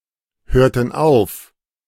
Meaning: inflection of aufhören: 1. first/third-person plural preterite 2. first/third-person plural subjunctive II
- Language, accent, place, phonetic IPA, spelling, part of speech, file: German, Germany, Berlin, [ˌhøːɐ̯tn̩ ˈaʊ̯f], hörten auf, verb, De-hörten auf.ogg